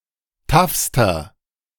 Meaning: inflection of taff: 1. strong/mixed nominative masculine singular superlative degree 2. strong genitive/dative feminine singular superlative degree 3. strong genitive plural superlative degree
- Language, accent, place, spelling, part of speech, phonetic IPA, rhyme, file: German, Germany, Berlin, taffster, adjective, [ˈtafstɐ], -afstɐ, De-taffster.ogg